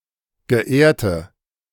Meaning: inflection of geehrt: 1. strong/mixed nominative/accusative feminine singular 2. strong nominative/accusative plural 3. weak nominative all-gender singular 4. weak accusative feminine/neuter singular
- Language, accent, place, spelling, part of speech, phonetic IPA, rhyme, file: German, Germany, Berlin, geehrte, adjective, [ɡəˈʔeːɐ̯tə], -eːɐ̯tə, De-geehrte.ogg